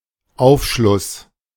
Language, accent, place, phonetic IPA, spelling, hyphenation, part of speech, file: German, Germany, Berlin, [ˈaʊ̯fˌʃlʊs], Aufschluss, Auf‧schluss, noun, De-Aufschluss.ogg
- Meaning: 1. outcrop (of a mineral) 2. information, explanation 3. decomposition, digestion, disintegration, break down